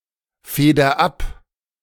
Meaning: inflection of abfedern: 1. first-person singular present 2. singular imperative
- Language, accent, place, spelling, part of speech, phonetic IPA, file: German, Germany, Berlin, feder ab, verb, [ˌfeːdɐ ˈap], De-feder ab.ogg